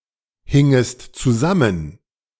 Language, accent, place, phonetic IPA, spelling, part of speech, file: German, Germany, Berlin, [ˌhɪŋəst t͡suˈzamən], hingest zusammen, verb, De-hingest zusammen.ogg
- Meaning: second-person singular subjunctive II of zusammenhängen